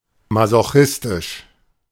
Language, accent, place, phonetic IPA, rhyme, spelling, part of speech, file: German, Germany, Berlin, [mazoˈxɪstɪʃ], -ɪstɪʃ, masochistisch, adjective, De-masochistisch.ogg
- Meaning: 1. masochistic (experiencing sexual enjoyment in the receiving of pain or humiliation) 2. masochistic (joyfully wallowing in pain or hardship)